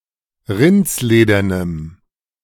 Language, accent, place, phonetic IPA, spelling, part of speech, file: German, Germany, Berlin, [ˈʁɪnt͡sˌleːdɐnəm], rindsledernem, adjective, De-rindsledernem.ogg
- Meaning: strong dative masculine/neuter singular of rindsledern